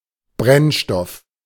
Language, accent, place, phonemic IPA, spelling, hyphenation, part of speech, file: German, Germany, Berlin, /ˈbʁɛnʃtɔf/, Brennstoff, Brenn‧stoff, noun, De-Brennstoff.ogg
- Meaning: fuel (for a fire)